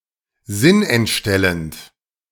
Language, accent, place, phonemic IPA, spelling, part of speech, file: German, Germany, Berlin, /ˈzɪnʔɛntˌʃtɛlənt/, sinnentstellend, adjective, De-sinnentstellend.ogg
- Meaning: falsifying the sense (of something)